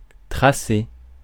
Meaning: 1. to draw or plot (a diagram), to trace out 2. to rule (a line) 3. to buck up, hurry up
- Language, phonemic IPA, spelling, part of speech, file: French, /tʁa.se/, tracer, verb, Fr-tracer.ogg